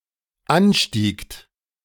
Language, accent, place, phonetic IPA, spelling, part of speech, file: German, Germany, Berlin, [ˈanˌʃtiːkt], anstiegt, verb, De-anstiegt.ogg
- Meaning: second-person plural dependent preterite of ansteigen